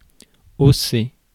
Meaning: 1. to raise 2. to shrug
- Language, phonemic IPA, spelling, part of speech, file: French, /o.se/, hausser, verb, Fr-hausser.ogg